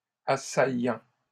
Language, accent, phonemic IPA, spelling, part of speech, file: French, Canada, /a.sa.jɑ̃/, assaillant, adjective / noun, LL-Q150 (fra)-assaillant.wav
- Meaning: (adjective) 1. assailant 2. assailling